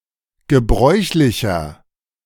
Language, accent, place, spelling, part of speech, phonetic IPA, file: German, Germany, Berlin, gebräuchlicher, adjective, [ɡəˈbʁɔɪ̯çlɪçɐ], De-gebräuchlicher.ogg
- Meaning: inflection of gebräuchlich: 1. strong/mixed nominative masculine singular 2. strong genitive/dative feminine singular 3. strong genitive plural